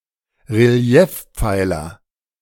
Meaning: pilaster, relief pillar (pillar structure incorporated into a wall)
- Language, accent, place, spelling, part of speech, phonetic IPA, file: German, Germany, Berlin, Reliefpfeiler, noun, [ʁeˈli̯ɛfˌp͡faɪ̯lɐ], De-Reliefpfeiler.ogg